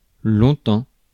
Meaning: for a long time; over a long period
- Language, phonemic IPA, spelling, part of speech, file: French, /lɔ̃.tɑ̃/, longtemps, adverb, Fr-longtemps.ogg